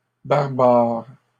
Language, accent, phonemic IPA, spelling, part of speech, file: French, Canada, /baʁ.baʁ/, barbares, adjective, LL-Q150 (fra)-barbares.wav
- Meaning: plural of barbare